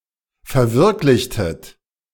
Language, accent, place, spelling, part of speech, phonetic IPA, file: German, Germany, Berlin, verwirklichtet, verb, [fɛɐ̯ˈvɪʁklɪçtət], De-verwirklichtet.ogg
- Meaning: inflection of verwirklichen: 1. second-person plural preterite 2. second-person plural subjunctive II